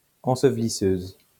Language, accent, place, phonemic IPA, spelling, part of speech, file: French, France, Lyon, /ɑ̃.sə.v(ə).li.søz/, ensevelisseuse, noun, LL-Q150 (fra)-ensevelisseuse.wav
- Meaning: female equivalent of ensevelisseur